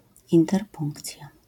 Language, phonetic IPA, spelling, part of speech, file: Polish, [ˌĩntɛrˈpũŋkt͡sʲja], interpunkcja, noun, LL-Q809 (pol)-interpunkcja.wav